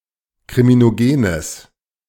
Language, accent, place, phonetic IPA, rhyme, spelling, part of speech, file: German, Germany, Berlin, [kʁiminoˈɡeːnəs], -eːnəs, kriminogenes, adjective, De-kriminogenes.ogg
- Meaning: strong/mixed nominative/accusative neuter singular of kriminogen